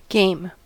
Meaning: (noun) A playful or competitive activity.: A playful activity that may be unstructured; an amusement or pastime
- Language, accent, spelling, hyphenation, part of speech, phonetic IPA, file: English, US, game, game, noun / adjective / verb, [ɡeɪ̯m], En-us-game.ogg